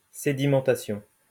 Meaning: sedimentation
- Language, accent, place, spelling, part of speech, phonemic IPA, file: French, France, Lyon, sédimentation, noun, /se.di.mɑ̃.ta.sjɔ̃/, LL-Q150 (fra)-sédimentation.wav